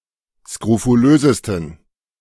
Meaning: 1. superlative degree of skrofulös 2. inflection of skrofulös: strong genitive masculine/neuter singular superlative degree
- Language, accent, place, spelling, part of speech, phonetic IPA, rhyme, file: German, Germany, Berlin, skrofulösesten, adjective, [skʁofuˈløːzəstn̩], -øːzəstn̩, De-skrofulösesten.ogg